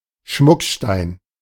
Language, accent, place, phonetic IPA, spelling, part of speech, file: German, Germany, Berlin, [ˈʃmʊkˌʃtaɪ̯n], Schmuckstein, noun, De-Schmuckstein.ogg
- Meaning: ornamental stone, gemstone